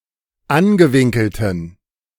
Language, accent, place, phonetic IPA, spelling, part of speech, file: German, Germany, Berlin, [ˈanɡəˌvɪŋkl̩tən], angewinkelten, adjective, De-angewinkelten.ogg
- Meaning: inflection of angewinkelt: 1. strong genitive masculine/neuter singular 2. weak/mixed genitive/dative all-gender singular 3. strong/weak/mixed accusative masculine singular 4. strong dative plural